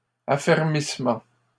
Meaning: consolidation
- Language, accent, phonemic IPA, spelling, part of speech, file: French, Canada, /a.fɛʁ.mis.mɑ̃/, affermissement, noun, LL-Q150 (fra)-affermissement.wav